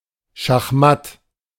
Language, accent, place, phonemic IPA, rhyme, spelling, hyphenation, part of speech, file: German, Germany, Berlin, /ʃaxˈmat/, -at, Schachmatt, Schach‧matt, noun, De-Schachmatt.ogg
- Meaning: 1. checkmate (situation where the king's defeat is inevitable) 2. checkmate, definite defeat